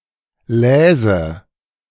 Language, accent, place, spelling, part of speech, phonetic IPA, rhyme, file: German, Germany, Berlin, läse, verb, [ˈlɛːzə], -ɛːzə, De-läse.ogg
- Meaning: first/third-person singular subjunctive II of lesen